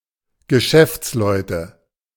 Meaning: nominative/accusative/genitive plural of Geschäftsmann
- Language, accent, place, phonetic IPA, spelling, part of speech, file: German, Germany, Berlin, [ɡəˈʃɛft͡sˌlɔɪ̯tə], Geschäftsleute, noun, De-Geschäftsleute.ogg